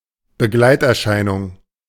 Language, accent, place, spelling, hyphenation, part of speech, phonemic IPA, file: German, Germany, Berlin, Begleiterscheinung, Be‧gleit‧er‧schei‧nung, noun, /bəˈɡlaɪ̯tʔɛɐ̯ˌʃaɪ̯nʊŋ/, De-Begleiterscheinung.ogg
- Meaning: by-product, side effect, epiphenomenon